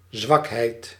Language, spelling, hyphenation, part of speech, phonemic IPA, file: Dutch, zwakheid, zwak‧heid, noun, /ˈzʋɑk.ɦɛi̯t/, Nl-zwakheid.ogg
- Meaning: weakness, frailty